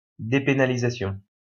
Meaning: depenalization
- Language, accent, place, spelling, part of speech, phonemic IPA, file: French, France, Lyon, dépénalisation, noun, /de.pe.na.li.za.sjɔ̃/, LL-Q150 (fra)-dépénalisation.wav